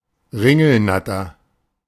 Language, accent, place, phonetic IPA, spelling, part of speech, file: German, Germany, Berlin, [ˈʁɪŋl̩ˌnatɐ], Ringelnatter, noun, De-Ringelnatter.ogg
- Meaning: grass snake (Natrix natrix)